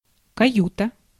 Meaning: cabin
- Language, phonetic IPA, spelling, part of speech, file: Russian, [kɐˈjutə], каюта, noun, Ru-каюта.ogg